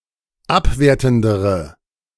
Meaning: inflection of abwertend: 1. strong/mixed nominative/accusative feminine singular comparative degree 2. strong nominative/accusative plural comparative degree
- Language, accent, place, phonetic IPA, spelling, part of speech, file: German, Germany, Berlin, [ˈapˌveːɐ̯tn̩dəʁə], abwertendere, adjective, De-abwertendere.ogg